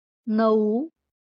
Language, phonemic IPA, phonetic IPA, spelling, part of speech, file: Marathi, /nəu/, [nəuː], नऊ, numeral, LL-Q1571 (mar)-नऊ.wav
- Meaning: nine